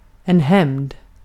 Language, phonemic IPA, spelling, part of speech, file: Swedish, /hɛm(n)d/, hämnd, noun, Sv-hämnd.ogg
- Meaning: revenge, vengeance